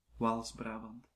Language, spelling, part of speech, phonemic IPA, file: Dutch, Waals-Brabant, proper noun, /ʋaːlz.ˈbraː.bɑnt/, Nl-Waals-Brabant.ogg
- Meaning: Walloon Brabant (a province of Belgium)